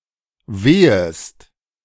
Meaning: second-person singular subjunctive I of wehen
- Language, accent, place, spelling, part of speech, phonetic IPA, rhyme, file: German, Germany, Berlin, wehest, verb, [ˈveːəst], -eːəst, De-wehest.ogg